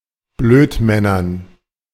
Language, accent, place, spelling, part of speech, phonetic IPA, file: German, Germany, Berlin, Blödmännern, noun, [ˈbløːtˌmɛnɐn], De-Blödmännern.ogg
- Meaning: dative plural of Blödmann